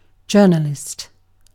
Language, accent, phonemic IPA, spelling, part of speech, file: English, UK, /ˈd͡ʒɜːnəlɪst/, journalist, noun, En-uk-journalist.ogg
- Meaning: 1. The keeper of a personal journal, who writes in it regularly 2. One whose occupation is journalism, originally only writing in the printed press